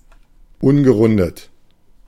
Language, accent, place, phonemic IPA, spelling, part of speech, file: German, Germany, Berlin, /ˈʊnɡəˌʁʊndət/, ungerundet, adjective, De-ungerundet.ogg
- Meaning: unrounded (spoken without rounded lips)